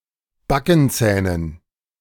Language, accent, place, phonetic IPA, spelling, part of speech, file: German, Germany, Berlin, [ˈbakn̩ˌt͡sɛːnən], Backenzähnen, noun, De-Backenzähnen.ogg
- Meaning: dative plural of Backenzahn